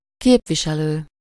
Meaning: representative
- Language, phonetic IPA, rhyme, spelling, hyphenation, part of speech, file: Hungarian, [ˈkeːpviʃɛløː], -løː, képviselő, kép‧vi‧se‧lő, noun, Hu-képviselő.ogg